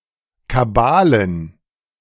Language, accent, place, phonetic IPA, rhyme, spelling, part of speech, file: German, Germany, Berlin, [kaˈbaːlən], -aːlən, Kabalen, noun, De-Kabalen.ogg
- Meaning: plural of Kabale